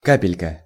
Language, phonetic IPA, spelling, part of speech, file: Russian, [ˈkapʲɪlʲkə], капелька, noun, Ru-капелька.ogg
- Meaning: 1. diminutive of ка́пля (káplja): small drop, droplet 2. a bit, a grain, a little